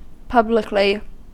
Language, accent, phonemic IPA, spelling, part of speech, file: English, US, /ˈpʌb.lɪ.kli/, publicly, adverb, En-us-publicly.ogg
- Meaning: 1. In public, openly, in an open and public manner 2. By, for, or on behalf of the public